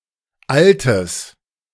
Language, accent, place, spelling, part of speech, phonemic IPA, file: German, Germany, Berlin, altes, adjective, /ˈʔaltəs/, De-altes.ogg
- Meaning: strong/mixed nominative/accusative neuter singular of alt